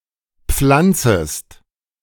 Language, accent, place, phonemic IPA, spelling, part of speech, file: German, Germany, Berlin, /ˈpflantsəst/, pflanzest, verb, De-pflanzest.ogg
- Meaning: second-person singular subjunctive I of pflanzen